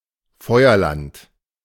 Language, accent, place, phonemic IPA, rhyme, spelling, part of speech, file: German, Germany, Berlin, /ˈfɔʏ̯ɐˌlant/, -ant, Feuerland, proper noun, De-Feuerland.ogg
- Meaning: Tierra del Fuego, Fireland (archipelago at the southern tip of South America, forming part of Chile and Argentina)